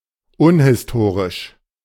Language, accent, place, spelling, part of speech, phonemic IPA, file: German, Germany, Berlin, unhistorisch, adjective, /ˈʊnhɪsˌtoːʁɪʃ/, De-unhistorisch.ogg
- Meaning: unhistoric, unhistorical